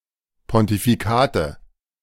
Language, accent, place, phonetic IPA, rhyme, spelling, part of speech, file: German, Germany, Berlin, [pɔntifiˈkaːtə], -aːtə, Pontifikate, noun, De-Pontifikate.ogg
- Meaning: nominative/accusative/genitive plural of Pontifikat